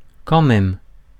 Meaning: 1. anyway, anyhow, just the same, all the same, regardless 2. really; extremely; seriously; still
- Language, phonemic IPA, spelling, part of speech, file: French, /kɑ̃ mɛm/, quand même, adverb, Fr-quand même.ogg